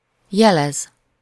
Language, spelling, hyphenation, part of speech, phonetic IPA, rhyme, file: Hungarian, jelez, je‧lez, verb, [ˈjɛlɛz], -ɛz, Hu-jelez.ogg
- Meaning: to signify, to signal, to indicate